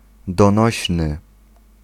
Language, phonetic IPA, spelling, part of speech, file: Polish, [dɔ̃ˈnɔɕnɨ], donośny, adjective, Pl-donośny.ogg